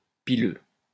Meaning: hair
- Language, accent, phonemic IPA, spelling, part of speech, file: French, France, /pi.lø/, pileux, adjective, LL-Q150 (fra)-pileux.wav